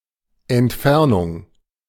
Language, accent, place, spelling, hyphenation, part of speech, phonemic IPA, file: German, Germany, Berlin, Entfernung, Ent‧fer‧nung, noun, /ɛntˈfɛʁnʊŋ/, De-Entfernung.ogg
- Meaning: 1. distance 2. removal 3. -ectomy (generally alongside a specialist, not widely understood word in -ektomie)